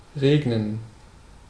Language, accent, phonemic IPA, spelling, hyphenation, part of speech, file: German, Germany, /ˈʁeː.ɡnən/, regnen, reg‧nen, verb, De-regnen.ogg
- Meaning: to rain